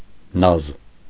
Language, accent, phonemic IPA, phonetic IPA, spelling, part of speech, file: Armenian, Eastern Armenian, /nɑz/, [nɑz], նազ, noun, Hy-նազ.ogg
- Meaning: 1. grace, gracefulness 2. mincing manners; coquetry